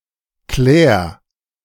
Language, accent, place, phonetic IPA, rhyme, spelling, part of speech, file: German, Germany, Berlin, [klɛːɐ̯], -ɛːɐ̯, klär, verb, De-klär.ogg
- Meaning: singular imperative of klären